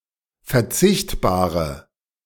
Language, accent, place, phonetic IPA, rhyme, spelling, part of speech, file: German, Germany, Berlin, [fɛɐ̯ˈt͡sɪçtbaːʁə], -ɪçtbaːʁə, verzichtbare, adjective, De-verzichtbare.ogg
- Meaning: inflection of verzichtbar: 1. strong/mixed nominative/accusative feminine singular 2. strong nominative/accusative plural 3. weak nominative all-gender singular